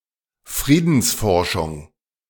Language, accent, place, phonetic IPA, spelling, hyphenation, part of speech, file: German, Germany, Berlin, [ˈfʀiːdn̩sfɔrʃʊŋ], Friedensforschung, Frie‧dens‧for‧schung, noun, De-Friedensforschung.ogg
- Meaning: peace research, peace and conflict studies